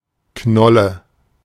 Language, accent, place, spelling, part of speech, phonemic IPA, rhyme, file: German, Germany, Berlin, Knolle, noun, /ˈknɔlə/, -ɔlə, De-Knolle.ogg
- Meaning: 1. bulb 2. tuber